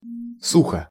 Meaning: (adverb) dryly (in a dry manner); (adjective) short neuter singular of сухо́й (suxój)
- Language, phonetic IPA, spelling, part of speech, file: Russian, [ˈsuxə], сухо, adverb / adjective, Ru-сухо.ogg